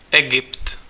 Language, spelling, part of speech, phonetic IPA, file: Czech, Egypt, proper noun, [ˈɛɡɪpt], Cs-Egypt.ogg
- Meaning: Egypt (a country in North Africa and West Asia)